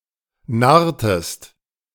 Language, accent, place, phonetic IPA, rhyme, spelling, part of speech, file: German, Germany, Berlin, [ˈnaʁtəst], -aʁtəst, narrtest, verb, De-narrtest.ogg
- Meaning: inflection of narren: 1. second-person singular preterite 2. second-person singular subjunctive II